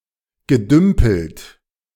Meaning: past participle of dümpeln
- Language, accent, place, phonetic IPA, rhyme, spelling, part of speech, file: German, Germany, Berlin, [ɡəˈdʏmpl̩t], -ʏmpl̩t, gedümpelt, verb, De-gedümpelt.ogg